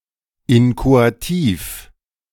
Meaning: inchoative
- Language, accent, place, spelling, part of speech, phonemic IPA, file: German, Germany, Berlin, inchoativ, adjective, /ˈɪnkoatiːf/, De-inchoativ.ogg